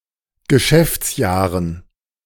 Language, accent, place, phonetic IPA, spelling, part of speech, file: German, Germany, Berlin, [ɡəˈʃɛft͡sˌjaːʁən], Geschäftsjahren, noun, De-Geschäftsjahren.ogg
- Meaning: dative plural of Geschäftsjahr